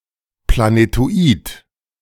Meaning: planetoid
- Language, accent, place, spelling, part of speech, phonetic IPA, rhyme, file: German, Germany, Berlin, Planetoid, noun, [planetoˈiːt], -iːt, De-Planetoid.ogg